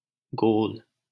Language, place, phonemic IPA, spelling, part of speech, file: Hindi, Delhi, /ɡoːl/, गोल, noun / adjective, LL-Q1568 (hin)-गोल.wav
- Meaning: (noun) circle, circular object; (adjective) round, circular, spherical